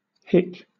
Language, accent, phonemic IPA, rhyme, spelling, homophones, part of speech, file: English, Southern England, /hɪk/, -ɪk, hick, hic, noun / verb, LL-Q1860 (eng)-hick.wav
- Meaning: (noun) An awkward, naive, clumsy and/or rude country person; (verb) To hiccup